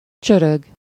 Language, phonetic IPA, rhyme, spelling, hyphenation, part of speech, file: Hungarian, [ˈt͡ʃørøɡ], -øɡ, csörög, csö‧rög, verb, Hu-csörög.ogg
- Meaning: 1. to rattle, clank, jingle 2. to babble (to make a continuous murmuring noise)